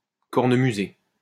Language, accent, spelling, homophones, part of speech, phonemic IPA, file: French, France, cornemuser, cornemusai / cornemusé / cornemusée / cornemusées / cornemusés / cornemusez, verb, /kɔʁ.nə.my.ze/, LL-Q150 (fra)-cornemuser.wav
- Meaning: to play the bagpipes